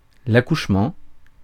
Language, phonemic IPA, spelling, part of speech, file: French, /a.kuʃ.mɑ̃/, accouchement, noun, Fr-accouchement.ogg
- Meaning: delivery (act of giving birth)